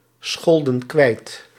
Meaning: inflection of kwijtschelden: 1. plural past indicative 2. plural past subjunctive
- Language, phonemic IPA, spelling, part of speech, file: Dutch, /ˈsxɔldə(n) ˈkwɛit/, scholden kwijt, verb, Nl-scholden kwijt.ogg